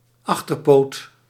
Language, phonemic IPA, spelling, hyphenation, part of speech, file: Dutch, /ˈɑx.tər.poːt/, achterpoot, ach‧ter‧poot, noun, Nl-achterpoot.ogg
- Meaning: hind leg (of an animal or of furniture)